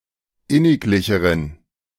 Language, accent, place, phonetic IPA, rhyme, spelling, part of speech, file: German, Germany, Berlin, [ˈɪnɪkˌlɪçəʁən], -ɪnɪklɪçəʁən, inniglicheren, adjective, De-inniglicheren.ogg
- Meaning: inflection of inniglich: 1. strong genitive masculine/neuter singular comparative degree 2. weak/mixed genitive/dative all-gender singular comparative degree